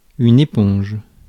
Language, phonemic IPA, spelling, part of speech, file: French, /e.pɔ̃ʒ/, éponge, noun / verb, Fr-éponge.ogg
- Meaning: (noun) 1. sponge (creature) 2. sponge (tool for washing); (verb) inflection of éponger: 1. first/third-person singular present indicative/subjunctive 2. second-person singular imperative